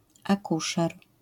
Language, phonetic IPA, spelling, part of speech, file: Polish, [aˈkuʃɛr], akuszer, noun, LL-Q809 (pol)-akuszer.wav